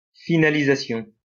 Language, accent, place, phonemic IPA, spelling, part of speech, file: French, France, Lyon, /fi.na.li.za.sjɔ̃/, finalisation, noun, LL-Q150 (fra)-finalisation.wav
- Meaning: finalisation